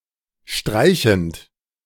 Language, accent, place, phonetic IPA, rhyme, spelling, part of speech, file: German, Germany, Berlin, [ˈʃtʁaɪ̯çn̩t], -aɪ̯çn̩t, streichend, verb, De-streichend.ogg
- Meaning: present participle of streichen